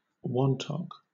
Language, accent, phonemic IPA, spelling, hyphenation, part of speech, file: English, Southern England, /ˈwɒntɒk/, wantok, wan‧tok, noun, LL-Q1860 (eng)-wantok.wav
- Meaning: A close comrade; a person with whom one has a strong social bond, usually based on a shared language